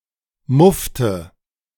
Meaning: inflection of muffen: 1. first/third-person singular preterite 2. first/third-person singular subjunctive II
- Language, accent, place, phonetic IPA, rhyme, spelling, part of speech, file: German, Germany, Berlin, [ˈmʊftə], -ʊftə, muffte, verb, De-muffte.ogg